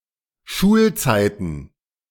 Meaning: plural of Schulzeit
- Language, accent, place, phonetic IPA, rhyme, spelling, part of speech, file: German, Germany, Berlin, [ˈʃuːlˌt͡saɪ̯tn̩], -uːlt͡saɪ̯tn̩, Schulzeiten, noun, De-Schulzeiten.ogg